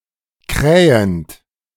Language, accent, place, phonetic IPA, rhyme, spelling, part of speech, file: German, Germany, Berlin, [ˈkʁɛːənt], -ɛːənt, krähend, verb, De-krähend.ogg
- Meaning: present participle of krähen